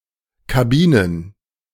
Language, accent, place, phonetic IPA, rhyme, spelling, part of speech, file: German, Germany, Berlin, [kaˈbiːnən], -iːnən, Kabinen, noun, De-Kabinen.ogg
- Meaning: plural of Kabine